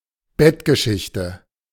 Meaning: love affair, fling
- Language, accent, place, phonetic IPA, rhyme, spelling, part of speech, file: German, Germany, Berlin, [ˈbɛtɡəˌʃɪçtə], -ɛtɡəʃɪçtə, Bettgeschichte, noun, De-Bettgeschichte.ogg